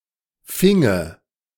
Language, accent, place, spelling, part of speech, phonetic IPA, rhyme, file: German, Germany, Berlin, finge, verb, [ˈfɪŋə], -ɪŋə, De-finge.ogg
- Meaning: first/third-person singular subjunctive II of fangen